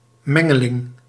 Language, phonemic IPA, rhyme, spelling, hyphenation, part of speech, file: Dutch, /ˈmɛ.ŋə.lɪŋ/, -ɛŋəlɪŋ, mengeling, men‧ge‧ling, noun, Nl-mengeling.ogg
- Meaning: mixture